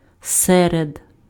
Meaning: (preposition) 1. among, amongst; amidst 2. in the middle of; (noun) genitive plural of середа́ (seredá, “Wednesday”)
- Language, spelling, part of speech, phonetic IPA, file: Ukrainian, серед, preposition / noun, [ˈsɛred], Uk-серед.ogg